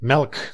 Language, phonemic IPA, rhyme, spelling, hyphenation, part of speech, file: Dutch, /mɛlk/, -ɛlk, melk, melk, noun / verb, Nl-melk.ogg
- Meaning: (noun) 1. milk (nutritious liquid produced by a lactating mammalian mother) 2. milk (nutritious liquid derived from vegetable sources, sometimes as a deliberate substitute of mammalian milk)